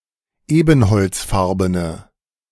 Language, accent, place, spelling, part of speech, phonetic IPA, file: German, Germany, Berlin, ebenholzfarbene, adjective, [ˈeːbn̩hɔlt͡sˌfaʁbənə], De-ebenholzfarbene.ogg
- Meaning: inflection of ebenholzfarben: 1. strong/mixed nominative/accusative feminine singular 2. strong nominative/accusative plural 3. weak nominative all-gender singular